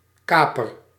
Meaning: 1. privateer, pirate 2. hijacker
- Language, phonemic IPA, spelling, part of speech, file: Dutch, /ˈkapər/, kaper, noun, Nl-kaper.ogg